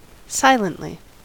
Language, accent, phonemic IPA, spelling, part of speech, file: English, US, /ˈsaɪləntli/, silently, adverb, En-us-silently.ogg
- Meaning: 1. In a silent manner; making no noise 2. Of an edit or change to a text, without explicit acknowledgment